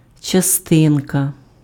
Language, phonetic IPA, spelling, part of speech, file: Ukrainian, [t͡ʃɐˈstɪnkɐ], частинка, noun, Uk-частинка.ogg
- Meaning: particle